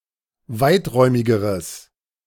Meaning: strong/mixed nominative/accusative neuter singular comparative degree of weiträumig
- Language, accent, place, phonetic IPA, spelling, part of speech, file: German, Germany, Berlin, [ˈvaɪ̯tˌʁɔɪ̯mɪɡəʁəs], weiträumigeres, adjective, De-weiträumigeres.ogg